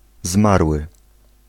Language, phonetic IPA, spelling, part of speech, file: Polish, [ˈzmarwɨ], zmarły, noun / adjective / verb, Pl-zmarły.ogg